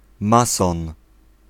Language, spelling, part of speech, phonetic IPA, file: Polish, mason, noun, [ˈmasɔ̃n], Pl-mason.ogg